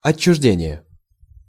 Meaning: alienation, exclusion
- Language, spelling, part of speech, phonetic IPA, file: Russian, отчуждение, noun, [ɐt͡ɕːʊʐˈdʲenʲɪje], Ru-отчуждение.ogg